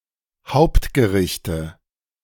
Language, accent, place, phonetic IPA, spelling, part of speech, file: German, Germany, Berlin, [ˈhaʊ̯ptɡəˌʁɪçtə], Hauptgerichte, noun, De-Hauptgerichte.ogg
- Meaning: nominative/accusative/genitive plural of Hauptgericht